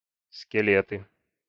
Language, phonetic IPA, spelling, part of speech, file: Russian, [skʲɪˈlʲetɨ], скелеты, noun, Ru-скелеты.ogg
- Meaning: nominative/accusative plural of скеле́т (skelét)